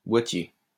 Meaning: 1. case 2. package
- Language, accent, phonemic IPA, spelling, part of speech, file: French, France, /bwa.tje/, boitier, noun, LL-Q150 (fra)-boitier.wav